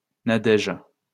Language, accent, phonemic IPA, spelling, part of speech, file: French, France, /na.dɛʒ/, Nadège, proper noun, LL-Q150 (fra)-Nadège.wav
- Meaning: a female given name